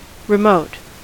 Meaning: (adjective) 1. At a distance; disconnected 2. Distant or otherwise inaccessible 3. Slight 4. Emotionally detached; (noun) Ellipsis of remote control
- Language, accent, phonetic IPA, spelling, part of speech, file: English, US, [ɹɪˈmoʊt], remote, adjective / noun / verb, En-us-remote.ogg